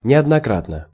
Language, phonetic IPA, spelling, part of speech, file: Russian, [nʲɪədnɐˈkratnə], неоднократно, adverb, Ru-неоднократно.ogg
- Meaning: repeatedly, time and again, more than once